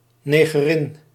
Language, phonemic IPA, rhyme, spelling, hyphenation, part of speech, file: Dutch, /ˌneː.ɣəˈrɪn/, -ɪn, negerin, ne‧ge‧rin, noun, Nl-negerin.ogg
- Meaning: black woman, negress